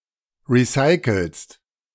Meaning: second-person singular present of recyceln
- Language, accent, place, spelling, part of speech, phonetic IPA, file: German, Germany, Berlin, recycelst, verb, [ˌʁiˈsaɪ̯kl̩st], De-recycelst.ogg